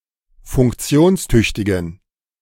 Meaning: inflection of funktionstüchtig: 1. strong genitive masculine/neuter singular 2. weak/mixed genitive/dative all-gender singular 3. strong/weak/mixed accusative masculine singular
- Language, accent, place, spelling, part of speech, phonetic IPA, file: German, Germany, Berlin, funktionstüchtigen, adjective, [fʊŋkˈt͡si̯oːnsˌtʏçtɪɡn̩], De-funktionstüchtigen.ogg